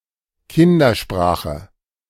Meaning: child language, childspeak
- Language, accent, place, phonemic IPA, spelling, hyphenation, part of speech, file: German, Germany, Berlin, /ˈkɪndɐˌʃpʁaːxə/, Kindersprache, Kin‧der‧spra‧che, noun, De-Kindersprache.ogg